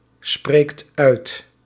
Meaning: inflection of uitspreken: 1. second/third-person singular present indicative 2. plural imperative
- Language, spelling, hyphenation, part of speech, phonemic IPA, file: Dutch, spreekt uit, spreekt uit, verb, /ˌspreːkt ˈœy̯t/, Nl-spreekt uit.ogg